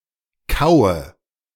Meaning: inflection of kauen: 1. first-person singular present 2. first/third-person singular subjunctive I 3. singular imperative
- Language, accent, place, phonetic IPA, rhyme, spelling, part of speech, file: German, Germany, Berlin, [ˈkaʊ̯ə], -aʊ̯ə, kaue, verb, De-kaue.ogg